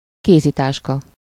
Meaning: handbag, purse (US)
- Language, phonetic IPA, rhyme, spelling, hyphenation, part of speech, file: Hungarian, [ˈkeːzitaːʃkɒ], -kɒ, kézitáska, ké‧zi‧tás‧ka, noun, Hu-kézitáska.ogg